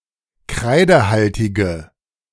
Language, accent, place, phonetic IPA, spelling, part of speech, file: German, Germany, Berlin, [ˈkʁaɪ̯dəˌhaltɪɡə], kreidehaltige, adjective, De-kreidehaltige.ogg
- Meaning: inflection of kreidehaltig: 1. strong/mixed nominative/accusative feminine singular 2. strong nominative/accusative plural 3. weak nominative all-gender singular